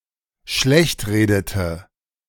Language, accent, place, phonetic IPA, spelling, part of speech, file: German, Germany, Berlin, [ˈʃlɛçtˌʁeːdətə], schlechtredete, verb, De-schlechtredete.ogg
- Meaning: inflection of schlechtreden: 1. first/third-person singular dependent preterite 2. first/third-person singular dependent subjunctive II